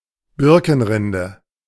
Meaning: birch bark
- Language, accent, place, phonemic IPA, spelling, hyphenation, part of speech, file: German, Germany, Berlin, /ˈbɪʁkənˌʁɪndə/, Birkenrinde, Bir‧ken‧rin‧de, noun, De-Birkenrinde.ogg